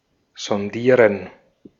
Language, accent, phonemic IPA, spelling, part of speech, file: German, Austria, /zɔnˈdiːʁən/, sondieren, verb, De-at-sondieren.ogg
- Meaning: 1. to sound out 2. to probe